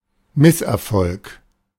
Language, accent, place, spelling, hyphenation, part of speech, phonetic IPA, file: German, Germany, Berlin, Misserfolg, Miss‧er‧folg, noun, [ˈmɪs.ɛʁˌfɔlk], De-Misserfolg.ogg
- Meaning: failure